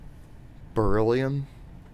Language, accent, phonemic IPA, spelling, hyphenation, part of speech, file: English, US, /bəˈɹɪl.i.əm/, beryllium, be‧ryl‧li‧um, noun, En-us-beryllium.ogg
- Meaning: The chemical element (symbol Be) with an atomic number of 4; a soft silvery-white low density alkaline earth metal with specialist industrial applications